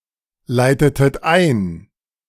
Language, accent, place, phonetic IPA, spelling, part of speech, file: German, Germany, Berlin, [ˌlaɪ̯tətət ˈaɪ̯n], leitetet ein, verb, De-leitetet ein.ogg
- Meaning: inflection of einleiten: 1. second-person plural preterite 2. second-person plural subjunctive II